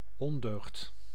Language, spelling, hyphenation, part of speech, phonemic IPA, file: Dutch, ondeugd, on‧deugd, noun, /ˈɔndøːxt/, Nl-ondeugd.ogg
- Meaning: 1. a vice (bad habit) 2. a naughty person